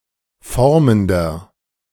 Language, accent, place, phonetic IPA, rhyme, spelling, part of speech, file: German, Germany, Berlin, [ˈfɔʁməndɐ], -ɔʁməndɐ, formender, adjective, De-formender.ogg
- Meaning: inflection of formend: 1. strong/mixed nominative masculine singular 2. strong genitive/dative feminine singular 3. strong genitive plural